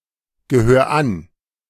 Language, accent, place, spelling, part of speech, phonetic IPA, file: German, Germany, Berlin, gehör an, verb, [ɡəˌhøːɐ̯ ˈan], De-gehör an.ogg
- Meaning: 1. singular imperative of angehören 2. first-person singular present of angehören